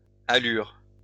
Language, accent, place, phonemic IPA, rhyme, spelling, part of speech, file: French, France, Lyon, /a.lyʁ/, -yʁ, allures, noun, LL-Q150 (fra)-allures.wav
- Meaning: plural of allure